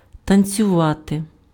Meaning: 1. to dance 2. to perform in a ballet 3. to jump up 4. to tremble
- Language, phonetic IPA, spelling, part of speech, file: Ukrainian, [tɐnʲt͡sʲʊˈʋate], танцювати, verb, Uk-танцювати.ogg